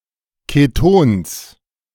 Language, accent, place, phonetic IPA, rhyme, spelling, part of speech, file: German, Germany, Berlin, [keˈtoːns], -oːns, Ketons, noun, De-Ketons.ogg
- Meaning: genitive singular of Keton